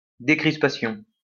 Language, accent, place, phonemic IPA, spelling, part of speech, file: French, France, Lyon, /de.kʁis.pa.sjɔ̃/, décrispation, noun, LL-Q150 (fra)-décrispation.wav
- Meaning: easing of tension